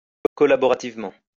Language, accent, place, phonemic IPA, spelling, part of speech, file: French, France, Lyon, /kɔ.la.bɔ.ʁa.tiv.mɑ̃/, collaborativement, adverb, LL-Q150 (fra)-collaborativement.wav
- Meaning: collaboratively